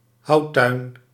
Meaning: a wood store yard
- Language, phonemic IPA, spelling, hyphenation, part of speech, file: Dutch, /ˈɦɑu̯.tœy̯n/, houttuin, hout‧tuin, noun, Nl-houttuin.ogg